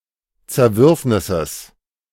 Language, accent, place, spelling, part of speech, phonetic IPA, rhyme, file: German, Germany, Berlin, Zerwürfnisses, noun, [t͡sɛɐ̯ˈvʏʁfnɪsəs], -ʏʁfnɪsəs, De-Zerwürfnisses.ogg
- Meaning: genitive singular of Zerwürfnis